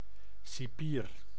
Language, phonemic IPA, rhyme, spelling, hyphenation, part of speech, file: Dutch, /siˈpiːr/, -iːr, cipier, ci‧pier, noun, Nl-cipier.ogg
- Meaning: jailor, warden, prison guard